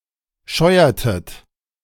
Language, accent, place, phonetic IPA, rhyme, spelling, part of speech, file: German, Germany, Berlin, [ˈʃɔɪ̯ɐtət], -ɔɪ̯ɐtət, scheuertet, verb, De-scheuertet.ogg
- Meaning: inflection of scheuern: 1. second-person plural preterite 2. second-person plural subjunctive II